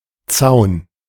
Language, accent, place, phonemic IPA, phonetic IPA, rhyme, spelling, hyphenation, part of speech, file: German, Germany, Berlin, /tsaʊ̯n/, [t͡saʊ̯n], -aʊ̯n, Zaun, Zaun, noun, De-Zaun.ogg
- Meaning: fence